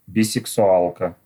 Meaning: female equivalent of бисексуа́л (bisɛksuál): bisexual (woman)
- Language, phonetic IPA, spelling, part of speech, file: Russian, [bʲɪsɨksʊˈaɫkə], бисексуалка, noun, Ru-бисексуалка.ogg